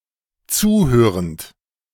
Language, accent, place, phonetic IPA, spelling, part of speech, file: German, Germany, Berlin, [ˈt͡suːˌhøːʁənt], zuhörend, verb, De-zuhörend.ogg
- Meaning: present participle of zuhören